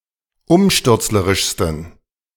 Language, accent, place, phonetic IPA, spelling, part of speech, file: German, Germany, Berlin, [ˈʊmʃtʏʁt͡sləʁɪʃstn̩], umstürzlerischsten, adjective, De-umstürzlerischsten.ogg
- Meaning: 1. superlative degree of umstürzlerisch 2. inflection of umstürzlerisch: strong genitive masculine/neuter singular superlative degree